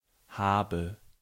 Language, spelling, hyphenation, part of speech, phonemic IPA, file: German, habe, ha‧be, verb, /ˈha(ː).bə/, De-habe.ogg
- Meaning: inflection of haben: 1. first-person singular present 2. first/third-person singular subjunctive I 3. singular imperative